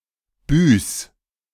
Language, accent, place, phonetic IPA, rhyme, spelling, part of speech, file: German, Germany, Berlin, [byːs], -yːs, büß, verb, De-büß.ogg
- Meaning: 1. singular imperative of büßen 2. first-person singular present of büßen